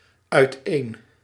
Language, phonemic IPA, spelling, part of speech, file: Dutch, /œyˈten/, uiteen, adverb, Nl-uiteen.ogg
- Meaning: apart (note: 'uiteen' is the adverbial component of a separable verb)